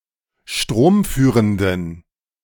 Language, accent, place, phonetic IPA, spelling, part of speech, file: German, Germany, Berlin, [ˈʃtʁoːmˌfyːʁəndn̩], stromführenden, adjective, De-stromführenden.ogg
- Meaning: inflection of stromführend: 1. strong genitive masculine/neuter singular 2. weak/mixed genitive/dative all-gender singular 3. strong/weak/mixed accusative masculine singular 4. strong dative plural